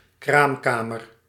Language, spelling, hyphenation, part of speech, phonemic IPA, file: Dutch, kraamkamer, kraam‧ka‧mer, noun, /ˈkraːmˌkaː.mər/, Nl-kraamkamer.ogg
- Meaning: 1. breeding ground, cradle 2. room where someone is born